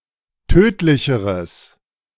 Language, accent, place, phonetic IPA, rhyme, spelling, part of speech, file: German, Germany, Berlin, [ˈtøːtlɪçəʁəs], -øːtlɪçəʁəs, tödlicheres, adjective, De-tödlicheres.ogg
- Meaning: strong/mixed nominative/accusative neuter singular comparative degree of tödlich